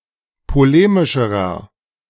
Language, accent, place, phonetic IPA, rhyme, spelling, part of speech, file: German, Germany, Berlin, [poˈleːmɪʃəʁɐ], -eːmɪʃəʁɐ, polemischerer, adjective, De-polemischerer.ogg
- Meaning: inflection of polemisch: 1. strong/mixed nominative masculine singular comparative degree 2. strong genitive/dative feminine singular comparative degree 3. strong genitive plural comparative degree